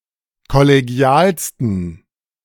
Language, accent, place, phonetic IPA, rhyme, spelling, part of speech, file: German, Germany, Berlin, [kɔleˈɡi̯aːlstn̩], -aːlstn̩, kollegialsten, adjective, De-kollegialsten.ogg
- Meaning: 1. superlative degree of kollegial 2. inflection of kollegial: strong genitive masculine/neuter singular superlative degree